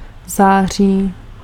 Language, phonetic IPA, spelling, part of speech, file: Czech, [ˈzaːr̝iː], září, noun / verb, Cs-září.ogg
- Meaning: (noun) 1. September 2. instrumental singular of záře; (verb) third-person singular present indicative of zářit